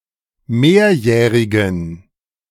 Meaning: inflection of mehrjährig: 1. strong genitive masculine/neuter singular 2. weak/mixed genitive/dative all-gender singular 3. strong/weak/mixed accusative masculine singular 4. strong dative plural
- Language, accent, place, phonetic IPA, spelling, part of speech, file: German, Germany, Berlin, [ˈmeːɐ̯ˌjɛːʁɪɡn̩], mehrjährigen, adjective, De-mehrjährigen.ogg